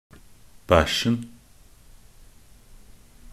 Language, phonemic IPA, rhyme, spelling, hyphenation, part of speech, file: Norwegian Bokmål, /ˈbæʃːn̩/, -æʃːn̩, bæsjen, bæsj‧en, noun, Nb-bæsjen.ogg
- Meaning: definite singular of bæsj